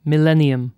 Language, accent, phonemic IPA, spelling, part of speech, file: English, UK, /mɪˈlɛnɪəm/, millennium, noun / proper noun, En-uk-millennium.oga
- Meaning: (noun) 1. A period of time consisting of one thousand years 2. The year in which one period of one thousand years ends and another begins, especially the year 2000